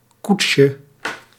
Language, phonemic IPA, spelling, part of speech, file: Dutch, /ˈkutʃə/, koetsje, noun, Nl-koetsje.ogg
- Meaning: diminutive of koets